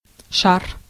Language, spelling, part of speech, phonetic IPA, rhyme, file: Russian, шар, noun, [ʂar], -ar, Ru-шар.ogg
- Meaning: 1. ball, solid sphere 2. ball (the set of points lying within a given distance from a given point) 3. balloon